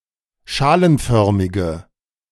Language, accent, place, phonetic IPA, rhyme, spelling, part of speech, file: German, Germany, Berlin, [ˈʃaːlənˌfœʁmɪɡə], -aːlənfœʁmɪɡə, schalenförmige, adjective, De-schalenförmige.ogg
- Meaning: inflection of schalenförmig: 1. strong/mixed nominative/accusative feminine singular 2. strong nominative/accusative plural 3. weak nominative all-gender singular